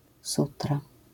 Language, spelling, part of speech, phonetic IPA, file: Polish, sutra, noun, [ˈsutra], LL-Q809 (pol)-sutra.wav